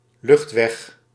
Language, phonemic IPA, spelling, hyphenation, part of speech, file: Dutch, /ˈlʏxt.ʋɛx/, luchtweg, lucht‧weg, noun, Nl-luchtweg.ogg
- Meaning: 1. airway, the trachea 2. flight path of aircraft, airway